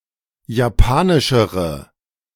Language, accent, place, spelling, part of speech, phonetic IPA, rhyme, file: German, Germany, Berlin, japanischere, adjective, [jaˈpaːnɪʃəʁə], -aːnɪʃəʁə, De-japanischere.ogg
- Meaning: inflection of japanisch: 1. strong/mixed nominative/accusative feminine singular comparative degree 2. strong nominative/accusative plural comparative degree